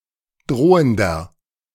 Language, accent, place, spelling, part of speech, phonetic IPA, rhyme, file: German, Germany, Berlin, drohender, adjective, [ˈdʁoːəndɐ], -oːəndɐ, De-drohender.ogg
- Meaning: inflection of drohend: 1. strong/mixed nominative masculine singular 2. strong genitive/dative feminine singular 3. strong genitive plural